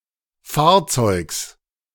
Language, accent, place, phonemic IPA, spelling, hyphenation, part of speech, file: German, Germany, Berlin, /ˈfaːɐ̯ˌt͡sɔɪ̯ks/, Fahrzeugs, Fahr‧zeugs, noun, De-Fahrzeugs.ogg
- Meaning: genitive singular of Fahrzeug